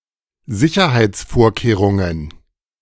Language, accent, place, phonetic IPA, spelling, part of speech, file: German, Germany, Berlin, [ˈzɪçɐhaɪ̯t͡sˌfoːɐ̯keːʁʊŋən], Sicherheitsvorkehrungen, noun, De-Sicherheitsvorkehrungen.ogg
- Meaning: plural of Sicherheitsvorkehrung